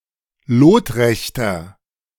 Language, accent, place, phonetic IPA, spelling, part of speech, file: German, Germany, Berlin, [ˈloːtˌʁɛçtɐ], lotrechter, adjective, De-lotrechter.ogg
- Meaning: 1. comparative degree of lotrecht 2. inflection of lotrecht: strong/mixed nominative masculine singular 3. inflection of lotrecht: strong genitive/dative feminine singular